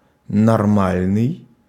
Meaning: 1. normal 2. proper 3. sane 4. perpendicular to
- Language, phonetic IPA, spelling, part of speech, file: Russian, [nɐrˈmalʲnɨj], нормальный, adjective, Ru-нормальный.ogg